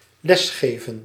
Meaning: to teach in class
- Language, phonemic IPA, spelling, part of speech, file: Dutch, /ˈlɛsˌɣeː.və(n)/, lesgeven, verb, Nl-lesgeven.ogg